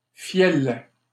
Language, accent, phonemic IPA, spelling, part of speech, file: French, Canada, /fjɛl/, fiel, noun, LL-Q150 (fra)-fiel.wav
- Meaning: bile